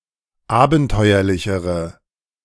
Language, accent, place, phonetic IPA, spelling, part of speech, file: German, Germany, Berlin, [ˈaːbn̩ˌtɔɪ̯ɐlɪçəʁə], abenteuerlichere, adjective, De-abenteuerlichere.ogg
- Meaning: inflection of abenteuerlich: 1. strong/mixed nominative/accusative feminine singular comparative degree 2. strong nominative/accusative plural comparative degree